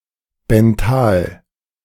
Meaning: benthic
- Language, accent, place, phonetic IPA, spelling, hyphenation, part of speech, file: German, Germany, Berlin, [bɛnˈtaːl], benthal, ben‧thal, adjective, De-benthal.ogg